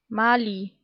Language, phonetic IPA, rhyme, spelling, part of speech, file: German, [ˈmaːli], -aːli, Mali, proper noun, De-Mali.ogg
- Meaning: Mali (a country in West Africa)